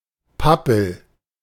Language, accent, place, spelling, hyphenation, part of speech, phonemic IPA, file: German, Germany, Berlin, Pappel, Pap‧pel, noun, /ˈpapl̩/, De-Pappel.ogg
- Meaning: poplar, cottonwood (Populus spp.)